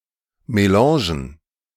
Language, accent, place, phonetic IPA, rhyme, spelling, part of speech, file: German, Germany, Berlin, [meˈlɑ̃ːʒn̩], -ɑ̃ːʒn̩, Melangen, noun, De-Melangen.ogg
- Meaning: plural of Melange